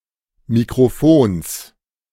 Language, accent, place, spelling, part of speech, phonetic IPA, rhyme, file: German, Germany, Berlin, Mikrofons, noun, [mikʁoˈfoːns], -oːns, De-Mikrofons.ogg
- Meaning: genitive singular of Mikrofon